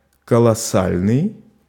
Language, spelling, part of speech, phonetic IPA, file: Russian, колоссальный, adjective, [kəɫɐˈsalʲnɨj], Ru-колоссальный.ogg
- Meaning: colossal